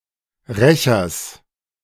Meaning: genitive singular of Rächer
- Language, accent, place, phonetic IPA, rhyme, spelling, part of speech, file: German, Germany, Berlin, [ˈʁɛçɐs], -ɛçɐs, Rächers, noun, De-Rächers.ogg